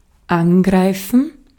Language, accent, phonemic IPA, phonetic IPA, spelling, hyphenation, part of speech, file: German, Austria, /ˈanɡʁaɪ̯fən/, [ˈanɡʁaɪ̯fn̩], angreifen, an‧grei‧fen, verb, De-at-angreifen.ogg
- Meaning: 1. to attack 2. to touch, to handle